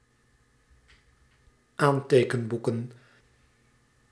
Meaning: plural of aantekenboek
- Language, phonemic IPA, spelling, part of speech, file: Dutch, /ˈantekəmˌbukə(n)/, aantekenboeken, noun, Nl-aantekenboeken.ogg